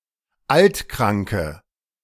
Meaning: inflection of altkrank: 1. strong/mixed nominative/accusative feminine singular 2. strong nominative/accusative plural 3. weak nominative all-gender singular
- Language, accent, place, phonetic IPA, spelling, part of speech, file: German, Germany, Berlin, [ˈaltˌkʁaŋkə], altkranke, adjective, De-altkranke.ogg